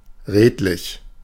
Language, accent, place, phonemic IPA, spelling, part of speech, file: German, Germany, Berlin, /ˈʁeːtlɪç/, redlich, adjective, De-redlich.ogg
- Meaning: honest; upright